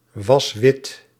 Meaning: inflection of witwassen: 1. first-person singular present indicative 2. second-person singular present indicative 3. imperative
- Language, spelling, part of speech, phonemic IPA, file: Dutch, was wit, verb, /ˈwɑs ˈwɪt/, Nl-was wit.ogg